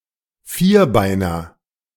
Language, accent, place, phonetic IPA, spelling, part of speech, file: German, Germany, Berlin, [ˈfiːɐ̯ˌʔaʁmɪɡəs], vierarmiges, adjective, De-vierarmiges.ogg
- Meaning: strong/mixed nominative/accusative neuter singular of vierarmig